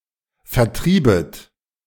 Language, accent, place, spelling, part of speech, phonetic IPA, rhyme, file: German, Germany, Berlin, vertriebet, verb, [fɛɐ̯ˈtʁiːbət], -iːbət, De-vertriebet.ogg
- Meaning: second-person plural subjunctive I of vertreiben